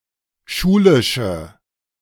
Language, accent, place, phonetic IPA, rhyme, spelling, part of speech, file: German, Germany, Berlin, [ˈʃuːlɪʃə], -uːlɪʃə, schulische, adjective, De-schulische.ogg
- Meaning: inflection of schulisch: 1. strong/mixed nominative/accusative feminine singular 2. strong nominative/accusative plural 3. weak nominative all-gender singular